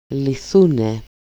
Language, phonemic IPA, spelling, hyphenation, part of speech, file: Greek, /liˈθune/, λυθούνε, λυ‧θού‧νε, verb, El-λυθούνε.ogg
- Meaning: third-person plural dependent passive of λύνω (lýno)